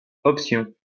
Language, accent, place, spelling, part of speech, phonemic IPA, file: French, France, Lyon, option, noun, /ɔp.sjɔ̃/, LL-Q150 (fra)-option.wav
- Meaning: option